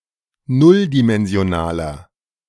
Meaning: inflection of nulldimensional: 1. strong/mixed nominative masculine singular 2. strong genitive/dative feminine singular 3. strong genitive plural
- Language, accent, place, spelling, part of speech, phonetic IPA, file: German, Germany, Berlin, nulldimensionaler, adjective, [ˈnʊldimɛnzi̯oˌnaːlɐ], De-nulldimensionaler.ogg